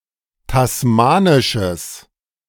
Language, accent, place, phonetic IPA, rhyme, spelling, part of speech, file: German, Germany, Berlin, [tasˈmaːnɪʃəs], -aːnɪʃəs, tasmanisches, adjective, De-tasmanisches.ogg
- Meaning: strong/mixed nominative/accusative neuter singular of tasmanisch